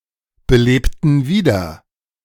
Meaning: inflection of wiederbeleben: 1. first/third-person plural preterite 2. first/third-person plural subjunctive II
- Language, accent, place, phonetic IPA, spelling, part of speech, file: German, Germany, Berlin, [bəˌleːptn̩ ˈviːdɐ], belebten wieder, verb, De-belebten wieder.ogg